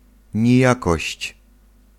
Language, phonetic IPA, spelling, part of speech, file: Polish, [ɲiˈjakɔɕt͡ɕ], nijakość, noun, Pl-nijakość.ogg